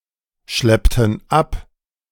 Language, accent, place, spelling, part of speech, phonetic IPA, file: German, Germany, Berlin, schleppten ab, verb, [ˌʃlɛptn̩ ˈap], De-schleppten ab.ogg
- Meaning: inflection of abschleppen: 1. first/third-person plural preterite 2. first/third-person plural subjunctive II